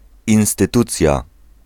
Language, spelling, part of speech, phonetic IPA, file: Polish, instytucja, noun, [ˌĩw̃stɨˈtut͡sʲja], Pl-instytucja.ogg